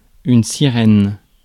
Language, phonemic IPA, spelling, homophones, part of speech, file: French, /si.ʁɛn/, sirène, Cyrène / sirènes, noun, Fr-sirène.ogg
- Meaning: 1. mermaid, siren 2. siren, temptress, seducer 3. siren, alarm